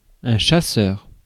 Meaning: 1. a hunter 2. a fighter plane 3. a servant or attendant 4. a la façon chasseur, a style of cooking in which meat is cooked with a sauce containing mushrooms, shallots and white wine
- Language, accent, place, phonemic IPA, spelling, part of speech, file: French, France, Paris, /ʃa.sœʁ/, chasseur, noun, Fr-chasseur.ogg